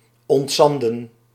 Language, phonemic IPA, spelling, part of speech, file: Dutch, /ɔntˈzɑndə(n)/, ontzanden, verb, Nl-ontzanden.ogg
- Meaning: to remove sediment